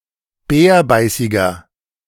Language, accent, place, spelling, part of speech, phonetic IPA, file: German, Germany, Berlin, bärbeißiger, adjective, [ˈbɛːɐ̯ˌbaɪ̯sɪɡɐ], De-bärbeißiger.ogg
- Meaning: 1. comparative degree of bärbeißig 2. inflection of bärbeißig: strong/mixed nominative masculine singular 3. inflection of bärbeißig: strong genitive/dative feminine singular